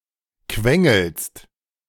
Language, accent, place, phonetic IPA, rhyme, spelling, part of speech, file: German, Germany, Berlin, [ˈkvɛŋl̩st], -ɛŋl̩st, quengelst, verb, De-quengelst.ogg
- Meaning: second-person singular present of quengeln